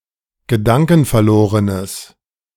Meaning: strong/mixed nominative/accusative neuter singular of gedankenverloren
- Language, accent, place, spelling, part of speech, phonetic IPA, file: German, Germany, Berlin, gedankenverlorenes, adjective, [ɡəˈdaŋkn̩fɛɐ̯ˌloːʁənəs], De-gedankenverlorenes.ogg